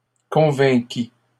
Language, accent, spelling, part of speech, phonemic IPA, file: French, Canada, convainquît, verb, /kɔ̃.vɛ̃.ki/, LL-Q150 (fra)-convainquît.wav
- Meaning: third-person singular imperfect subjunctive of convaincre